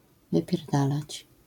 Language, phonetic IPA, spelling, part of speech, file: Polish, [ˌvɨpʲjɛrˈdalat͡ɕ], wypierdalać, verb / interjection, LL-Q809 (pol)-wypierdalać.wav